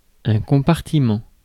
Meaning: compartment
- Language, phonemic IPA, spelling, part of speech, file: French, /kɔ̃.paʁ.ti.mɑ̃/, compartiment, noun, Fr-compartiment.ogg